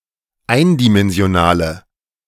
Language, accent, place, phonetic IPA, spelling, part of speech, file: German, Germany, Berlin, [ˈaɪ̯ndimɛnzi̯oˌnaːlə], eindimensionale, adjective, De-eindimensionale.ogg
- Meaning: inflection of eindimensional: 1. strong/mixed nominative/accusative feminine singular 2. strong nominative/accusative plural 3. weak nominative all-gender singular